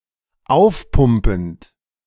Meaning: present participle of aufpumpen
- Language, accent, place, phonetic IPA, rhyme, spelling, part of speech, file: German, Germany, Berlin, [ˈaʊ̯fˌpʊmpn̩t], -aʊ̯fpʊmpn̩t, aufpumpend, verb, De-aufpumpend.ogg